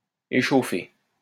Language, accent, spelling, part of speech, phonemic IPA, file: French, France, échauffé, verb, /e.ʃo.fe/, LL-Q150 (fra)-échauffé.wav
- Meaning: past participle of échauffer